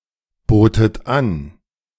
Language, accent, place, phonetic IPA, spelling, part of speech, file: German, Germany, Berlin, [ˌboːtət ˈan], botet an, verb, De-botet an.ogg
- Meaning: second-person plural preterite of anbieten